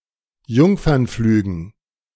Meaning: dative plural of Jungfernflug
- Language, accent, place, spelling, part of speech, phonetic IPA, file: German, Germany, Berlin, Jungfernflügen, noun, [ˈjʊŋfɐnˌflyːɡn̩], De-Jungfernflügen.ogg